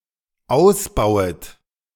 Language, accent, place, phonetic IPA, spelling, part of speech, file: German, Germany, Berlin, [ˈaʊ̯sˌbaʊ̯ət], ausbauet, verb, De-ausbauet.ogg
- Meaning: second-person plural dependent subjunctive I of ausbauen